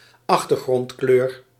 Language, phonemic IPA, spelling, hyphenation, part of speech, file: Dutch, /ˈɑx.tər.ɣrɔntˌkløːr/, achtergrondkleur, ach‧ter‧grond‧kleur, noun, Nl-achtergrondkleur.ogg
- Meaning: background colour